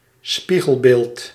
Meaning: 1. mirror image 2. opposite
- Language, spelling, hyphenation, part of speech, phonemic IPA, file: Dutch, spiegelbeeld, spie‧gel‧beeld, noun, /ˈspiɣəlˌbeːlt/, Nl-spiegelbeeld.ogg